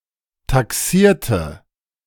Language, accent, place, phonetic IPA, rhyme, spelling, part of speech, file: German, Germany, Berlin, [taˈksiːɐ̯tə], -iːɐ̯tə, taxierte, adjective / verb, De-taxierte.ogg
- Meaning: inflection of taxieren: 1. first/third-person singular preterite 2. first/third-person singular subjunctive II